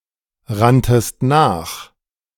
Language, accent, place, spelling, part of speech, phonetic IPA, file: German, Germany, Berlin, ranntest nach, verb, [ˌʁantəst ˈnaːx], De-ranntest nach.ogg
- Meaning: second-person singular preterite of nachrennen